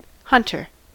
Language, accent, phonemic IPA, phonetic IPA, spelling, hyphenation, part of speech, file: English, US, /ˈhʌntɚ/, [ˈhʌɾ̃ɚ], hunter, hun‧ter, noun, En-us-hunter.ogg
- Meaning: 1. One who hunts game for sport or for food; a huntsman or huntswoman 2. A dog used in hunting; a hunting dog 3. A horse used in hunting, especially a thoroughbred, bred and trained for hunting